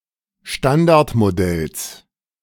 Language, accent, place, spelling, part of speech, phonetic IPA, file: German, Germany, Berlin, Standardmodells, noun, [ˈʃtandaʁtmoˌdɛls], De-Standardmodells.ogg
- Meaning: genitive singular of Standardmodell